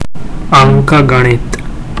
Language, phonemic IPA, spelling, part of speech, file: Gujarati, /ˈəŋ.kə.ɡə.ɳit̪/, અંકગણિત, noun, Gu-અંકગણિત.ogg
- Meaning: arithmetic